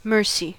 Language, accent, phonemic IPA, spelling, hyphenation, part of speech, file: English, US, /ˈmɝsi/, mercy, mer‧cy, noun / verb / interjection, En-us-mercy.ogg
- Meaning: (noun) 1. Relenting; forbearance to cause or allow harm to another 2. Forgiveness or compassion, especially toward those less fortunate 3. A tendency toward forgiveness, pity, or compassion